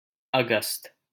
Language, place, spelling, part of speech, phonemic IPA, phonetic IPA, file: Hindi, Delhi, अगस्त, noun, /ə.ɡəst̪/, [ɐ.ɡɐst̪], LL-Q1568 (hin)-अगस्त.wav
- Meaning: August